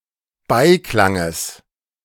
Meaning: genitive of Beiklang
- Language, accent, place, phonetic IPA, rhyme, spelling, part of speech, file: German, Germany, Berlin, [ˈbaɪ̯ˌklaŋəs], -aɪ̯klaŋəs, Beiklanges, noun, De-Beiklanges.ogg